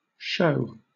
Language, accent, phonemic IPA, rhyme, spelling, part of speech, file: English, Southern England, /ʃəʊ/, -əʊ, shew, verb / noun, LL-Q1860 (eng)-shew.wav
- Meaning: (verb) Archaic spelling of show